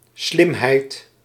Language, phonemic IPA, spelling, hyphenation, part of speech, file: Dutch, /ˈslɪm.ɦɛi̯t/, slimheid, slim‧heid, noun, Nl-slimheid.ogg
- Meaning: 1. cleverness, smartness, ingenuity 2. wrongness